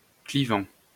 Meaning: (verb) present participle of cliver; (adjective) divisive
- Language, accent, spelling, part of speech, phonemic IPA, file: French, France, clivant, verb / adjective, /kli.vɑ̃/, LL-Q150 (fra)-clivant.wav